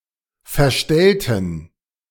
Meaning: inflection of verstellen: 1. first/third-person plural preterite 2. first/third-person plural subjunctive II
- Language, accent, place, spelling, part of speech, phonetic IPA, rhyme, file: German, Germany, Berlin, verstellten, adjective / verb, [fɛɐ̯ˈʃtɛltn̩], -ɛltn̩, De-verstellten.ogg